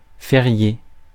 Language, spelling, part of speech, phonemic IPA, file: French, férié, adjective / verb, /fe.ʁje/, Fr-férié.ogg
- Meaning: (adjective) holiday; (verb) past participle of férier